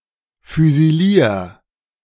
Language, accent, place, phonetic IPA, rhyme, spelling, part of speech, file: German, Germany, Berlin, [fyziˈliːɐ̯], -iːɐ̯, füsilier, verb, De-füsilier.ogg
- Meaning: 1. singular imperative of füsilieren 2. first-person singular present of füsilieren